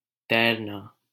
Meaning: 1. to swim 2. to float
- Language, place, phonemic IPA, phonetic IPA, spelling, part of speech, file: Hindi, Delhi, /t̪ɛːɾ.nɑː/, [t̪ɛːɾ.näː], तैरना, verb, LL-Q1568 (hin)-तैरना.wav